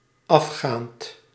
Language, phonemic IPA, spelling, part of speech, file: Dutch, /ˈɑfxant/, afgaand, verb / adjective, Nl-afgaand.ogg
- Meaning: present participle of afgaan